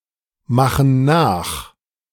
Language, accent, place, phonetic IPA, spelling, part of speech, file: German, Germany, Berlin, [ˌmaxn̩ ˈnaːx], machen nach, verb, De-machen nach.ogg
- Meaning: inflection of nachmachen: 1. first/third-person plural present 2. first/third-person plural subjunctive I